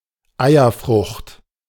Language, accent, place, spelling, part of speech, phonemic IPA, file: German, Germany, Berlin, Eierfrucht, noun, /ˈaɪ̯ɐˌfʁʊxt/, De-Eierfrucht.ogg
- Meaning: 1. aubergine, eggplant 2. eggfruit, canistel